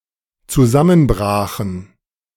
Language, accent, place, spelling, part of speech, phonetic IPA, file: German, Germany, Berlin, zusammenbrachen, verb, [t͡suˈzamənˌbʁaːxn̩], De-zusammenbrachen.ogg
- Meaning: first/third-person plural dependent preterite of zusammenbrechen